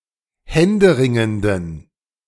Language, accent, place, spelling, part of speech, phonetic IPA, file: German, Germany, Berlin, händeringenden, adjective, [ˈhɛndəˌʁɪŋəndn̩], De-händeringenden.ogg
- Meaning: inflection of händeringend: 1. strong genitive masculine/neuter singular 2. weak/mixed genitive/dative all-gender singular 3. strong/weak/mixed accusative masculine singular 4. strong dative plural